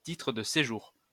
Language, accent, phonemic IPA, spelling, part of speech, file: French, France, /ti.tʁə d(ə) se.ʒuʁ/, titre de séjour, noun, LL-Q150 (fra)-titre de séjour.wav
- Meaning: residence permit, green card